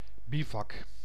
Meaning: bivouac (an encampment for the night, chiefly in military contexts or relating to expeditions)
- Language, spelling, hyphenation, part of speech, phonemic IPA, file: Dutch, bivak, bi‧vak, noun, /ˈbi.vɑk/, Nl-bivak.ogg